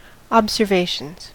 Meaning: plural of observation
- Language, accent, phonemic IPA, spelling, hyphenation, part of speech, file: English, US, /ˌɑbzɚˈveɪʃənz/, observations, ob‧ser‧va‧tions, noun, En-us-observations.ogg